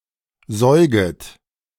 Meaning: second-person plural subjunctive I of säugen
- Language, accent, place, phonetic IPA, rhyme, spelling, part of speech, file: German, Germany, Berlin, [ˈzɔɪ̯ɡət], -ɔɪ̯ɡət, säuget, verb, De-säuget.ogg